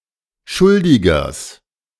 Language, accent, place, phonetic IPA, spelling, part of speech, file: German, Germany, Berlin, [ˈʃʊldɪɡɐs], Schuldigers, noun, De-Schuldigers.ogg
- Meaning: genitive singular of Schuldiger